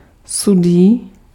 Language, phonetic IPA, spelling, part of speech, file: Czech, [ˈsudiː], sudý, adjective, Cs-sudý.ogg
- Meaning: even